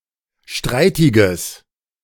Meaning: strong/mixed nominative/accusative neuter singular of streitig
- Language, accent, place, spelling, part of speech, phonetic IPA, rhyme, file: German, Germany, Berlin, streitiges, adjective, [ˈʃtʁaɪ̯tɪɡəs], -aɪ̯tɪɡəs, De-streitiges.ogg